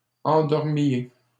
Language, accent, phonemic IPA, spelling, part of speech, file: French, Canada, /ɑ̃.dɔʁ.mje/, endormiez, verb, LL-Q150 (fra)-endormiez.wav
- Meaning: inflection of endormir: 1. second-person plural imperfect indicative 2. second-person plural present subjunctive